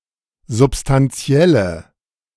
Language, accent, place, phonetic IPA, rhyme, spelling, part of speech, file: German, Germany, Berlin, [zʊpstanˈt͡si̯ɛlə], -ɛlə, substantielle, adjective, De-substantielle.ogg
- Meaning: inflection of substantiell: 1. strong/mixed nominative/accusative feminine singular 2. strong nominative/accusative plural 3. weak nominative all-gender singular